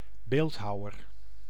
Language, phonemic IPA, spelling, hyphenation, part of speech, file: Dutch, /ˈbeːltˌɦɑu̯.ər/, beeldhouwer, beeld‧hou‧wer, noun, Nl-beeldhouwer.ogg
- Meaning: sculptor